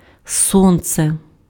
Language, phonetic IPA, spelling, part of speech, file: Ukrainian, [ˈsɔnt͡se], сонце, noun, Uk-сонце.ogg
- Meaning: sun